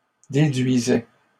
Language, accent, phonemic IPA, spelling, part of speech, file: French, Canada, /de.dɥi.zɛ/, déduisaient, verb, LL-Q150 (fra)-déduisaient.wav
- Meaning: third-person plural imperfect indicative of déduire